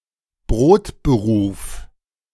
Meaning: bread-and-butter job, main job, day job (often opposed to more creative, but unprofitable work)
- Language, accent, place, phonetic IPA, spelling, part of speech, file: German, Germany, Berlin, [ˈbʁoːtbəˌʁuːf], Brotberuf, noun, De-Brotberuf.ogg